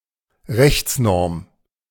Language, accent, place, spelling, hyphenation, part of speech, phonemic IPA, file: German, Germany, Berlin, Rechtsnorm, Rechts‧norm, noun, /ˈʁɛçt͡sˌnɔʁm/, De-Rechtsnorm.ogg
- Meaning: legal norm